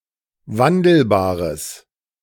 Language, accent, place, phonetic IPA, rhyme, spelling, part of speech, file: German, Germany, Berlin, [ˈvandl̩baːʁəs], -andl̩baːʁəs, wandelbares, adjective, De-wandelbares.ogg
- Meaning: strong/mixed nominative/accusative neuter singular of wandelbar